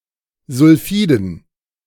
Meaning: dative plural of Sulfid
- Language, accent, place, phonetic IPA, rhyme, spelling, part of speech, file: German, Germany, Berlin, [zʊlˈfiːdn̩], -iːdn̩, Sulfiden, noun, De-Sulfiden.ogg